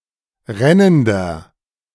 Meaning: inflection of rennend: 1. strong/mixed nominative masculine singular 2. strong genitive/dative feminine singular 3. strong genitive plural
- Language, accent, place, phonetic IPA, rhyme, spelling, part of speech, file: German, Germany, Berlin, [ˈʁɛnəndɐ], -ɛnəndɐ, rennender, adjective, De-rennender.ogg